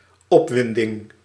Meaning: 1. agitation, trepidation 2. state of emotional arrousal, excitement, thrill
- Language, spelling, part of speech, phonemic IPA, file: Dutch, opwinding, noun, /ˈɔpwɪndɪŋ/, Nl-opwinding.ogg